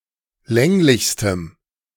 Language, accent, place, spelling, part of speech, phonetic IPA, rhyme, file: German, Germany, Berlin, länglichstem, adjective, [ˈlɛŋlɪçstəm], -ɛŋlɪçstəm, De-länglichstem.ogg
- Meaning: strong dative masculine/neuter singular superlative degree of länglich